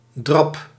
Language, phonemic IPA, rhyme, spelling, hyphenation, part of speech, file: Dutch, /drɑp/, -ɑp, drab, drab, noun, Nl-drab.ogg
- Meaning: 1. sediment, dregs 2. goop, filth